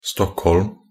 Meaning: 1. Stockholm (a municipality, urban area, and capital city of Stockholm, Sweden) 2. Stockholm (a village in Perstorp, Perstorp, Skåne, Sweden) 3. Stockholm (a village in Ronneby, Blekinge, Sweden)
- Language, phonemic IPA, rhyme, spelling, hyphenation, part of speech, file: Norwegian Bokmål, /ˈstɔkːhɔlm/, -ɔlm, Stockholm, Stock‧holm, proper noun, Nb-stockholm.ogg